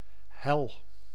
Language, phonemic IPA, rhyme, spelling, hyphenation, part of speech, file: Dutch, /ɦɛl/, -ɛl, hel, hel, noun / adjective / verb, Nl-hel.ogg
- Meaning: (noun) 1. hell, an infernal afterlife 2. a terrible place or ordeal; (adjective) bright; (noun) alternative form of hal (“frozen spot”)